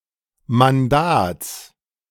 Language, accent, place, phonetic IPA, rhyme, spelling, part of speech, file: German, Germany, Berlin, [manˈdaːt͡s], -aːt͡s, Mandats, noun, De-Mandats.ogg
- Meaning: genitive singular of Mandat